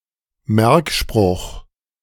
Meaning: mnemonic
- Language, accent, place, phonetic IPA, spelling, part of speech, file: German, Germany, Berlin, [ˈmɛʁkˌʃpʁʊx], Merkspruch, noun, De-Merkspruch.ogg